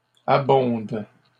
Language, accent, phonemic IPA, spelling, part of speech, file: French, Canada, /a.bɔ̃d/, abondent, verb, LL-Q150 (fra)-abondent.wav
- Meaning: third-person plural present indicative/subjunctive of abonder